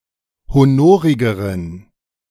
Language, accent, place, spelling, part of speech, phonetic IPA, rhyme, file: German, Germany, Berlin, honorigeren, adjective, [hoˈnoːʁɪɡəʁən], -oːʁɪɡəʁən, De-honorigeren.ogg
- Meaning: inflection of honorig: 1. strong genitive masculine/neuter singular comparative degree 2. weak/mixed genitive/dative all-gender singular comparative degree